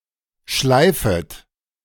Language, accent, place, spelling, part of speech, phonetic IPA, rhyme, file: German, Germany, Berlin, schleifet, verb, [ˈʃlaɪ̯fət], -aɪ̯fət, De-schleifet.ogg
- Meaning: second-person plural subjunctive I of schleifen